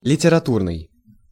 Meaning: literary
- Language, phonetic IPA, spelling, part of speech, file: Russian, [lʲɪtʲɪrɐˈturnɨj], литературный, adjective, Ru-литературный.ogg